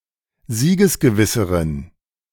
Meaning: inflection of siegesgewiss: 1. strong genitive masculine/neuter singular comparative degree 2. weak/mixed genitive/dative all-gender singular comparative degree
- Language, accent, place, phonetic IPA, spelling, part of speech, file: German, Germany, Berlin, [ˈziːɡəsɡəˌvɪsəʁən], siegesgewisseren, adjective, De-siegesgewisseren.ogg